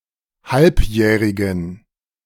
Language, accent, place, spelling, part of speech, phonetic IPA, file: German, Germany, Berlin, halbjährigen, adjective, [ˈhalpˌjɛːʁɪɡn̩], De-halbjährigen.ogg
- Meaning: inflection of halbjährig: 1. strong genitive masculine/neuter singular 2. weak/mixed genitive/dative all-gender singular 3. strong/weak/mixed accusative masculine singular 4. strong dative plural